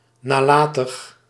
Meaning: negligent
- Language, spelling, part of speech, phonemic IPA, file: Dutch, nalatig, adjective, /naˈlatəx/, Nl-nalatig.ogg